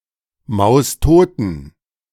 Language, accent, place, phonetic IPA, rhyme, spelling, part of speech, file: German, Germany, Berlin, [ˌmaʊ̯sˈtoːtn̩], -oːtn̩, maustoten, adjective, De-maustoten.ogg
- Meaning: inflection of maustot: 1. strong genitive masculine/neuter singular 2. weak/mixed genitive/dative all-gender singular 3. strong/weak/mixed accusative masculine singular 4. strong dative plural